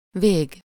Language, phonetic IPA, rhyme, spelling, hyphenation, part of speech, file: Hungarian, [ˈveːɡ], -eːɡ, vég, vég, noun, Hu-vég.ogg
- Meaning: 1. end 2. bolt (a unit of measurement used as an industry standard for materials stored in a roll; in attributive usage, as well)